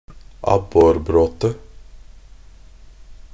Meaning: a collection of twigs, branches or small trees sunk in the water to attract perch fish
- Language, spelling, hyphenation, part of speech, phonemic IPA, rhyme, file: Norwegian Bokmål, abborbråte, ab‧bor‧brå‧te, noun, /ˈabːɔrbroːtə/, -oːtə, Nb-abborbråte.ogg